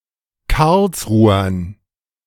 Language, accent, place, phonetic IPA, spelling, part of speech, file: German, Germany, Berlin, [ˈkaʁlsˌʁuːɐn], Karlsruhern, noun, De-Karlsruhern.ogg
- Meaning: dative plural of Karlsruher